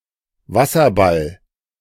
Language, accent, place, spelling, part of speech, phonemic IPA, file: German, Germany, Berlin, Wasserball, noun, /ˈvasɐˌbal/, De-Wasserball.ogg
- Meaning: 1. water polo 2. water polo ball 3. beach ball (light inflatable ball)